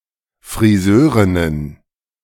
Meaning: plural of Frisörin
- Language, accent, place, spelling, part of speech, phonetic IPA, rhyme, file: German, Germany, Berlin, Frisörinnen, noun, [fʁiˈzøːʁɪnən], -øːʁɪnən, De-Frisörinnen.ogg